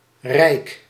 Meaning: a former village in Noord-Holland, the Netherlands, demolished in 1959, located at what is now one of the runways of Schiphol
- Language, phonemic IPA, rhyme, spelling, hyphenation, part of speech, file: Dutch, /rɛi̯k/, -ɛi̯k, Rijk, Rijk, proper noun, Nl-Rijk.ogg